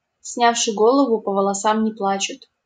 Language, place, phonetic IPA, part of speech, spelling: Russian, Saint Petersburg, [ˈsnʲafʂɨ ˈɡoɫəvʊ | pə‿vəɫɐˈsam nʲɪ‿ˈpɫat͡ɕʊt], proverb, снявши голову, по волосам не плачут
- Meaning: don't cry over spilt milk